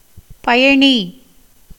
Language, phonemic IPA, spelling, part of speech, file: Tamil, /pɐjɐɳiː/, பயணி, noun, Ta-பயணி.ogg
- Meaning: passenger, traveller